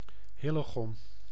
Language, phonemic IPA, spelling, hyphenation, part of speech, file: Dutch, /ˈɦɪ.ləˌɣɔm/, Hillegom, Hil‧le‧gom, proper noun, Nl-Hillegom.ogg
- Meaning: a village and municipality of South Holland, Netherlands